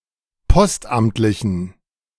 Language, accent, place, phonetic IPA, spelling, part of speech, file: German, Germany, Berlin, [ˈpɔstˌʔamtlɪçn̩], postamtlichen, adjective, De-postamtlichen.ogg
- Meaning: inflection of postamtlich: 1. strong genitive masculine/neuter singular 2. weak/mixed genitive/dative all-gender singular 3. strong/weak/mixed accusative masculine singular 4. strong dative plural